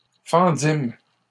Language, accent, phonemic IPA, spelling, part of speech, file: French, Canada, /fɑ̃.dim/, fendîmes, verb, LL-Q150 (fra)-fendîmes.wav
- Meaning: first-person plural past historic of fendre